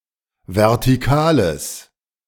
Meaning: strong/mixed nominative/accusative neuter singular of vertikal
- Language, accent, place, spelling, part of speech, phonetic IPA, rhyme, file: German, Germany, Berlin, vertikales, adjective, [vɛʁtiˈkaːləs], -aːləs, De-vertikales.ogg